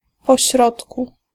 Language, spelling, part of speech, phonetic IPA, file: Polish, pośrodku, adverb, [pɔˈɕrɔtku], Pl-pośrodku.ogg